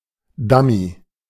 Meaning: dummy, mockup
- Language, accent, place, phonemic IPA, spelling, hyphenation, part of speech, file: German, Germany, Berlin, /ˈdami/, Dummy, Dum‧my, noun, De-Dummy.ogg